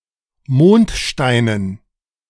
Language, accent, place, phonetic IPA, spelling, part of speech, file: German, Germany, Berlin, [ˈmoːntˌʃtaɪ̯nən], Mondsteinen, noun, De-Mondsteinen.ogg
- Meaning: dative plural of Mondstein